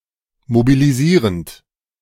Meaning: present participle of mobilisieren
- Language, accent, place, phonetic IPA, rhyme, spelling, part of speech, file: German, Germany, Berlin, [mobiliˈziːʁənt], -iːʁənt, mobilisierend, verb, De-mobilisierend.ogg